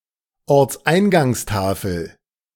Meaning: place-name sign at the entrance of a village, town, or city
- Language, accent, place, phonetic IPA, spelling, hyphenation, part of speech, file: German, Germany, Berlin, [ɔʁt͡sˈʔaɪ̯nɡaŋsˌtaːfl̩], Ortseingangstafel, Orts‧ein‧gangs‧ta‧fel, noun, De-Ortseingangstafel.ogg